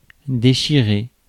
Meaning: 1. to tear; to rip up 2. to tear up emotionally 3. to kick arse, to kick ass, to kick butt, to rock, to rule
- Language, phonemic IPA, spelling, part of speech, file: French, /de.ʃi.ʁe/, déchirer, verb, Fr-déchirer.ogg